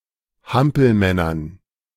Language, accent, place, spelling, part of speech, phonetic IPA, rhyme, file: German, Germany, Berlin, Hampelmännern, noun, [ˈhampl̩ˌmɛnɐn], -ampl̩mɛnɐn, De-Hampelmännern.ogg
- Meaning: dative plural of Hampelmann